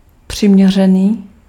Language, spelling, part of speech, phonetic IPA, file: Czech, přiměřený, adjective, [ˈpr̝̊ɪmɲɛr̝ɛniː], Cs-přiměřený.ogg
- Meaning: 1. adequate 2. appropriate